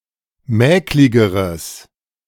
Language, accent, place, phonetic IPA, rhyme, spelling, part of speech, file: German, Germany, Berlin, [ˈmɛːklɪɡəʁəs], -ɛːklɪɡəʁəs, mäkligeres, adjective, De-mäkligeres.ogg
- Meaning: strong/mixed nominative/accusative neuter singular comparative degree of mäklig